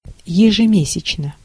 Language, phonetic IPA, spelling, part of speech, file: Russian, [(j)ɪʐɨˈmʲesʲɪt͡ɕnə], ежемесячно, adverb, Ru-ежемесячно.ogg
- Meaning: monthly